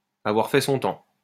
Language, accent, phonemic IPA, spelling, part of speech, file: French, France, /a.vwaʁ fɛ sɔ̃ tɑ̃/, avoir fait son temps, verb, LL-Q150 (fra)-avoir fait son temps.wav
- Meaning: to have seen one's day, to have had one's day, to have seen better days, to be past one's sell-by date